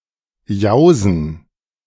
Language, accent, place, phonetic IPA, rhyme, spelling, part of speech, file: German, Germany, Berlin, [ˈjaʊ̯zn̩], -aʊ̯zn̩, Jausen, noun, De-Jausen.ogg
- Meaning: 1. cold meal at afternoon 2. plural of Jause (“snack”)